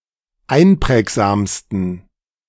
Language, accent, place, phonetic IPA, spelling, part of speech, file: German, Germany, Berlin, [ˈaɪ̯nˌpʁɛːkzaːmstn̩], einprägsamsten, adjective, De-einprägsamsten.ogg
- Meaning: 1. superlative degree of einprägsam 2. inflection of einprägsam: strong genitive masculine/neuter singular superlative degree